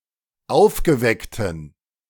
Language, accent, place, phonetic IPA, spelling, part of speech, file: German, Germany, Berlin, [ˈaʊ̯fɡəˌvɛktn̩], aufgeweckten, adjective, De-aufgeweckten.ogg
- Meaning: inflection of aufgeweckt: 1. strong genitive masculine/neuter singular 2. weak/mixed genitive/dative all-gender singular 3. strong/weak/mixed accusative masculine singular 4. strong dative plural